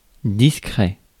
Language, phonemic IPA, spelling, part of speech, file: French, /dis.kʁɛ/, discret, adjective, Fr-discret.ogg
- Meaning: 1. discreet 2. discrete